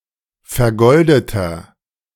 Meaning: inflection of vergoldet: 1. strong/mixed nominative masculine singular 2. strong genitive/dative feminine singular 3. strong genitive plural
- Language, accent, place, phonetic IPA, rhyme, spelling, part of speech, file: German, Germany, Berlin, [fɛɐ̯ˈɡɔldətɐ], -ɔldətɐ, vergoldeter, adjective, De-vergoldeter.ogg